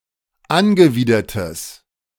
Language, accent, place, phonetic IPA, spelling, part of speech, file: German, Germany, Berlin, [ˈanɡəˌviːdɐtəs], angewidertes, adjective, De-angewidertes.ogg
- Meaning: strong/mixed nominative/accusative neuter singular of angewidert